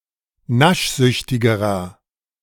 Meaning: inflection of naschsüchtig: 1. strong/mixed nominative masculine singular comparative degree 2. strong genitive/dative feminine singular comparative degree 3. strong genitive plural comparative degree
- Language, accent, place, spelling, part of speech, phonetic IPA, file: German, Germany, Berlin, naschsüchtigerer, adjective, [ˈnaʃˌzʏçtɪɡəʁɐ], De-naschsüchtigerer.ogg